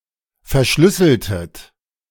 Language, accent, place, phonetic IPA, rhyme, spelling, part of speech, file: German, Germany, Berlin, [fɛɐ̯ˈʃlʏsl̩tət], -ʏsl̩tət, verschlüsseltet, verb, De-verschlüsseltet.ogg
- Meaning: inflection of verschlüsseln: 1. second-person plural preterite 2. second-person plural subjunctive II